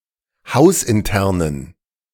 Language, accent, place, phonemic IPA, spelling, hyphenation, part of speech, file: German, Germany, Berlin, /ˈhaʊ̯sʔɪnˌtɛʁnən/, hausinternen, haus‧in‧ter‧nen, adjective, De-hausinternen.ogg
- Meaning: inflection of hausintern: 1. strong genitive masculine/neuter singular 2. weak/mixed genitive/dative all-gender singular 3. strong/weak/mixed accusative masculine singular 4. strong dative plural